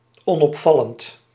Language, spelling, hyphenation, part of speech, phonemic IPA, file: Dutch, onopvallend, on‧op‧val‧lend, adjective, /ˌɔn.ɔpˈfɑ.lənt/, Nl-onopvallend.ogg
- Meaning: inconspicuous, subtle